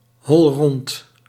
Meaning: concave
- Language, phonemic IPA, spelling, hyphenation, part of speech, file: Dutch, /ɦɔlˈrɔnt/, holrond, hol‧rond, adjective, Nl-holrond.ogg